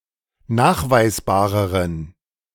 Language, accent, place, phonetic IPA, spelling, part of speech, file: German, Germany, Berlin, [ˈnaːxvaɪ̯sˌbaːʁəʁən], nachweisbareren, adjective, De-nachweisbareren.ogg
- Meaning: inflection of nachweisbar: 1. strong genitive masculine/neuter singular comparative degree 2. weak/mixed genitive/dative all-gender singular comparative degree